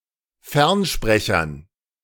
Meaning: dative plural of Fernsprecher
- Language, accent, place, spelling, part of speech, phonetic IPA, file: German, Germany, Berlin, Fernsprechern, noun, [ˈfɛʁnˌʃpʁɛçɐn], De-Fernsprechern.ogg